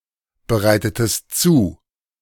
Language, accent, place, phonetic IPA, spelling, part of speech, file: German, Germany, Berlin, [bəˌʁaɪ̯tətəst ˈt͡suː], bereitetest zu, verb, De-bereitetest zu.ogg
- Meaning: inflection of zubereiten: 1. second-person singular preterite 2. second-person singular subjunctive II